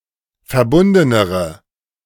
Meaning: inflection of verbunden: 1. strong/mixed nominative/accusative feminine singular comparative degree 2. strong nominative/accusative plural comparative degree
- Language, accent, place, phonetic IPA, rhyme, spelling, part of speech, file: German, Germany, Berlin, [fɛɐ̯ˈbʊndənəʁə], -ʊndənəʁə, verbundenere, adjective, De-verbundenere.ogg